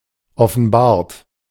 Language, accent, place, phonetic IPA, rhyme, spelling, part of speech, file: German, Germany, Berlin, [ɔfn̩ˈbaːɐ̯t], -aːɐ̯t, offenbart, verb, De-offenbart.ogg
- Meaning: 1. past participle of offenbaren 2. inflection of offenbaren: third-person singular present 3. inflection of offenbaren: second-person plural present 4. inflection of offenbaren: plural imperative